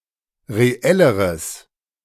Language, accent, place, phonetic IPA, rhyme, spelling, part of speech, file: German, Germany, Berlin, [ʁeˈɛləʁəs], -ɛləʁəs, reelleres, adjective, De-reelleres.ogg
- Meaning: strong/mixed nominative/accusative neuter singular comparative degree of reell